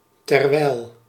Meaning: 1. while, during the same time that 2. whereas
- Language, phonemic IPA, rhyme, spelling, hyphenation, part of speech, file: Dutch, /tɛrˈʋɛi̯l/, -ɛi̯l, terwijl, ter‧wijl, conjunction, Nl-terwijl.ogg